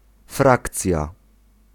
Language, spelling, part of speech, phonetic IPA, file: Polish, frakcja, noun, [ˈfrakt͡sʲja], Pl-frakcja.ogg